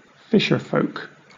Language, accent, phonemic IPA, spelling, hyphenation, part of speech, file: English, Southern England, /ˈfɪʃəfəʊk/, fisherfolk, fish‧er‧folk, noun, LL-Q1860 (eng)-fisherfolk.wav
- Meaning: 1. People who fish for a living 2. Members of a culture that is dominated by fishing 3. Recreational fishers